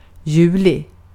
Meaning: July
- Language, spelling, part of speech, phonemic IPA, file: Swedish, juli, proper noun, /ˈjʉːlɪ/, Sv-juli.ogg